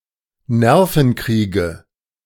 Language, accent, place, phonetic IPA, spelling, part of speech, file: German, Germany, Berlin, [ˈnɛʁfn̩ˌkʁiːɡə], Nervenkriege, noun, De-Nervenkriege.ogg
- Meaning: 1. nominative/accusative/genitive plural of Nervenkrieg 2. dative singular of Nervenkrieg